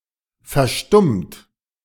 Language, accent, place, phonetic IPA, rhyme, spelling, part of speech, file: German, Germany, Berlin, [fɛɐ̯ˈʃtʊmt], -ʊmt, verstummt, verb, De-verstummt.ogg
- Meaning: 1. past participle of verstummen 2. inflection of verstummen: third-person singular present 3. inflection of verstummen: second-person plural present 4. inflection of verstummen: plural imperative